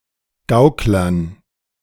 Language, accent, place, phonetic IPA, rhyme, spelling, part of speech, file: German, Germany, Berlin, [ˈɡaʊ̯klɐn], -aʊ̯klɐn, Gauklern, noun, De-Gauklern.ogg
- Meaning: dative plural of Gaukler